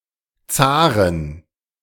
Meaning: 1. plural of Zar 2. genitive singular of Zar 3. dative singular of Zar 4. accusative singular of Zar
- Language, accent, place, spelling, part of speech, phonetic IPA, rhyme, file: German, Germany, Berlin, Zaren, noun, [ˈt͡saːʁən], -aːʁən, De-Zaren.ogg